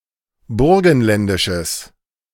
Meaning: strong/mixed nominative/accusative neuter singular of burgenländisch
- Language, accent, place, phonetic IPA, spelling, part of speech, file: German, Germany, Berlin, [ˈbʊʁɡn̩ˌlɛndɪʃəs], burgenländisches, adjective, De-burgenländisches.ogg